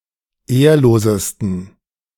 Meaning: 1. superlative degree of ehrlos 2. inflection of ehrlos: strong genitive masculine/neuter singular superlative degree
- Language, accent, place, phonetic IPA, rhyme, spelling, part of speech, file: German, Germany, Berlin, [ˈeːɐ̯loːzəstn̩], -eːɐ̯loːzəstn̩, ehrlosesten, adjective, De-ehrlosesten.ogg